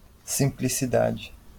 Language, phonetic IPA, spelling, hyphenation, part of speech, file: Portuguese, [sĩ.pli.siˈða.ðɨ], simplicidade, sim‧pli‧ci‧da‧de, noun, LL-Q5146 (por)-simplicidade.wav
- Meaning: 1. simplicity 2. homeliness